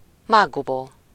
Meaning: poppy head (the seedhead of a poppy)
- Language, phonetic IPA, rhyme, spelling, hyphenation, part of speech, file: Hungarian, [ˈmaːɡːuboː], -boː, mákgubó, mák‧gu‧bó, noun, Hu-mákgubó.ogg